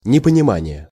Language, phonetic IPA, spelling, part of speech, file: Russian, [nʲɪpənʲɪˈmanʲɪje], непонимание, noun, Ru-непонимание.ogg
- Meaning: 1. incomprehension, lack of understanding 2. misunderstanding